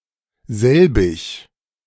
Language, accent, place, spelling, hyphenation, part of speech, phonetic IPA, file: German, Germany, Berlin, selbig, sel‧big, pronoun, [ˈzɛlbɪç], De-selbig.ogg
- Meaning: the same